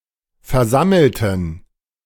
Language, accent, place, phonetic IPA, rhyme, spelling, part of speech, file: German, Germany, Berlin, [fɛɐ̯ˈzaml̩tn̩], -aml̩tn̩, versammelten, adjective / verb, De-versammelten.ogg
- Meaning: inflection of versammeln: 1. first/third-person plural preterite 2. first/third-person plural subjunctive II